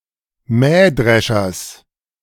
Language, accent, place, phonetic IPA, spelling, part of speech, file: German, Germany, Berlin, [ˈmɛːˌdʁɛʃɐs], Mähdreschers, noun, De-Mähdreschers.ogg
- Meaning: genitive singular of Mähdrescher